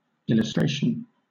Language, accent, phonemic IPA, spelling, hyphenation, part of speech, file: English, Southern England, /ˌɪləsˈtɹeɪ̯ʃən/, illustration, il‧lus‧tra‧tion, noun, LL-Q1860 (eng)-illustration.wav
- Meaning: 1. The act of illustrating; the act of making clear and distinct 2. The state of being illustrated, or of being made clear and distinct